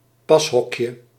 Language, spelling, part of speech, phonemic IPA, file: Dutch, pashokje, noun, /ˈpɑshɔkjə/, Nl-pashokje.ogg
- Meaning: diminutive of pashok